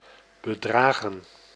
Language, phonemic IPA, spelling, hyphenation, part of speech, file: Dutch, /bəˈdraːɣə(n)/, bedragen, be‧dra‧gen, verb / noun, Nl-bedragen.ogg
- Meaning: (verb) 1. to amount to 2. to cover 3. to accuse 4. past participle of bedragen; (noun) plural of bedrag